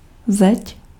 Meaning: wall (in a building, around a city)
- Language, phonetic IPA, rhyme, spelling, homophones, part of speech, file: Czech, [ˈzɛc], -ɛc, zeď, zeť, noun, Cs-zeď.ogg